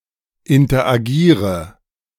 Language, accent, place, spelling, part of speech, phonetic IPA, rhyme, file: German, Germany, Berlin, interagiere, verb, [ɪntɐʔaˈɡiːʁə], -iːʁə, De-interagiere.ogg
- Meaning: inflection of interagieren: 1. first-person singular present 2. first/third-person singular subjunctive I 3. singular imperative